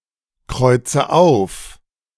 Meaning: inflection of aufkreuzen: 1. first-person singular present 2. first/third-person singular subjunctive I 3. singular imperative
- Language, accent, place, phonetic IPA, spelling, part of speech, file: German, Germany, Berlin, [ˌkʁɔɪ̯t͡sə ˈaʊ̯f], kreuze auf, verb, De-kreuze auf.ogg